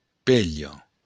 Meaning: 1. piece of old cloth 2. rag 3. skirt
- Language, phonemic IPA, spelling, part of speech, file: Occitan, /ˈpeʎo/, pelha, noun, LL-Q35735-pelha.wav